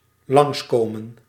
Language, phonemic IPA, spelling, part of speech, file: Dutch, /lɑŋskomə(n)/, langskomen, verb, Nl-langskomen.ogg
- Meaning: 1. to pass by, to come past 2. to drop in, come by, visit